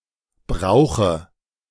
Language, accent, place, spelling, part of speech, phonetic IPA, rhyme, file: German, Germany, Berlin, Brauche, noun, [ˈbʁaʊ̯xə], -aʊ̯xə, De-Brauche.ogg
- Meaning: dative singular of Brauch